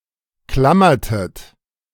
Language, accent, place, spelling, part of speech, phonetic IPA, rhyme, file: German, Germany, Berlin, klammertet, verb, [ˈklamɐtət], -amɐtət, De-klammertet.ogg
- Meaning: inflection of klammern: 1. second-person plural preterite 2. second-person plural subjunctive II